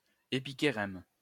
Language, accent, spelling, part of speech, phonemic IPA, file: French, France, épichérème, noun, /e.pi.ke.ʁɛm/, LL-Q150 (fra)-épichérème.wav
- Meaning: epichirema